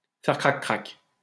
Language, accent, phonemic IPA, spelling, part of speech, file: French, France, /fɛʁ kʁak.kʁak/, faire crac-crac, verb, LL-Q150 (fra)-faire crac-crac.wav
- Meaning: to make whoopee